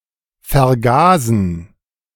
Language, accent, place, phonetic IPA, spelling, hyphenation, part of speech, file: German, Germany, Berlin, [fɛɐ̯ˈɡaːzn̩], vergasen, ver‧ga‧sen, verb, De-vergasen.ogg
- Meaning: 1. to gasify 2. to gas